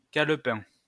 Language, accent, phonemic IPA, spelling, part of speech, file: French, France, /kal.pɛ̃/, calepin, noun, LL-Q150 (fra)-calepin.wav
- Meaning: notebook